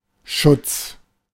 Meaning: 1. protection 2. protective installation
- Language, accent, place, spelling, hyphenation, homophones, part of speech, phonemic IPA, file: German, Germany, Berlin, Schutz, Schutz, Schutts, noun, /ʃʊt͡s/, De-Schutz.ogg